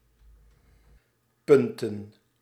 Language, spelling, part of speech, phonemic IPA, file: Dutch, punten, noun, /ˈpʏn.tə(n)/, Nl-punten.ogg
- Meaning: plural of punt